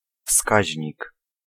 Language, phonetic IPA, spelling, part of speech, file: Polish, [ˈfskaʑɲik], wskaźnik, noun, Pl-wskaźnik.ogg